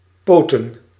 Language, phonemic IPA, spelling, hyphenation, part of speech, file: Dutch, /ˈpoː.tə(n)/, poten, po‧ten, verb / noun, Nl-poten.ogg
- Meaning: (verb) to set, plant, place a young plant or large seed individually in soil or other substrate where it can grow; sow